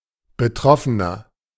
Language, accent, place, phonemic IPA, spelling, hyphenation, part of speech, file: German, Germany, Berlin, /bəˈtʁɔfənɐ/, Betroffener, Be‧trof‧fe‧ner, noun, De-Betroffener.ogg
- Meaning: 1. person affected by something (male or of unspecified gender) 2. victim (male or of unspecified gender) 3. inflection of Betroffene: strong genitive/dative singular